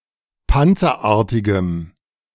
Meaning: strong dative masculine/neuter singular of panzerartig
- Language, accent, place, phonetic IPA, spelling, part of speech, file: German, Germany, Berlin, [ˈpant͡sɐˌʔaːɐ̯tɪɡəm], panzerartigem, adjective, De-panzerartigem.ogg